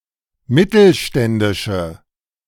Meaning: inflection of mittelständisch: 1. strong/mixed nominative/accusative feminine singular 2. strong nominative/accusative plural 3. weak nominative all-gender singular
- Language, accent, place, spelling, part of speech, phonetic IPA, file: German, Germany, Berlin, mittelständische, adjective, [ˈmɪtl̩ˌʃtɛndɪʃə], De-mittelständische.ogg